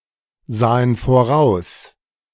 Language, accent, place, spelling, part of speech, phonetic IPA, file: German, Germany, Berlin, sahen voraus, verb, [ˌzaːən foˈʁaʊ̯s], De-sahen voraus.ogg
- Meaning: first/third-person plural preterite of voraussehen